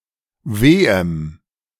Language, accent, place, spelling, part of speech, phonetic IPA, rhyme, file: German, Germany, Berlin, wehem, adjective, [ˈveːəm], -eːəm, De-wehem.ogg
- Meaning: strong dative masculine/neuter singular of weh